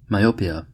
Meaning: A disorder of the vision where distant objects appear blurred because the eye focuses their images in front of the retina instead of on it
- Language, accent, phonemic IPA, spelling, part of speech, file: English, US, /maɪˈoʊ.pi.ə/, myopia, noun, En-us-myopia.ogg